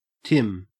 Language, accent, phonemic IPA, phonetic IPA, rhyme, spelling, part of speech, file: English, Australia, /tɪm/, [tʰɪm], -ɪm, Tim, proper noun / noun, En-au-Tim.ogg
- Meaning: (proper noun) A diminutive of the male given names Timothy and Timon (rare); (noun) 1. A Catholic 2. A supporter of the Scottish football team Celtic F.C..